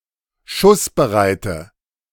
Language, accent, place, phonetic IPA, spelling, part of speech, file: German, Germany, Berlin, [ˈʃʊsbəˌʁaɪ̯tə], schussbereite, adjective, De-schussbereite.ogg
- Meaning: inflection of schussbereit: 1. strong/mixed nominative/accusative feminine singular 2. strong nominative/accusative plural 3. weak nominative all-gender singular